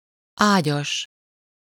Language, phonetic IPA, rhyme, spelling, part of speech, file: Hungarian, [ˈaːɟɒʃ], -ɒʃ, ágyas, adjective / noun, Hu-ágyas.ogg
- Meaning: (adjective) bedded (with or having a certain type or number of beds); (noun) concubine, lover (a woman living with someone outside of legal marriage, in a romantic relationship)